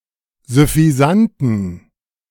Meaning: inflection of süffisant: 1. strong genitive masculine/neuter singular 2. weak/mixed genitive/dative all-gender singular 3. strong/weak/mixed accusative masculine singular 4. strong dative plural
- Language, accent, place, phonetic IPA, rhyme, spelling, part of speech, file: German, Germany, Berlin, [zʏfiˈzantn̩], -antn̩, süffisanten, adjective, De-süffisanten.ogg